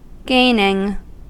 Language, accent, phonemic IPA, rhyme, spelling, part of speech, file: English, US, /ˈɡeɪnɪŋ/, -eɪnɪŋ, gaining, verb / noun, En-us-gaining.ogg
- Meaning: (verb) present participle and gerund of gain; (noun) Gain; profit